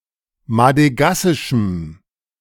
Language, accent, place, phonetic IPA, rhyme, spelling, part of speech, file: German, Germany, Berlin, [madəˈɡasɪʃm̩], -asɪʃm̩, madegassischem, adjective, De-madegassischem.ogg
- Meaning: strong dative masculine/neuter singular of madegassisch